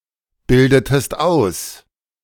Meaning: inflection of ausbilden: 1. second-person singular preterite 2. second-person singular subjunctive II
- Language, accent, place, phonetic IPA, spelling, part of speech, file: German, Germany, Berlin, [ˌbɪldətəst ˈaʊ̯s], bildetest aus, verb, De-bildetest aus.ogg